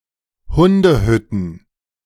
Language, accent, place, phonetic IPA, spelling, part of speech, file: German, Germany, Berlin, [ˈhʊndəˌhʏtn̩], Hundehütten, noun, De-Hundehütten.ogg
- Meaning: plural of Hundehütte